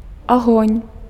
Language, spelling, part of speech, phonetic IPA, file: Belarusian, агонь, noun, [aˈɣonʲ], Be-агонь.ogg
- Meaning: 1. fire 2. gunfire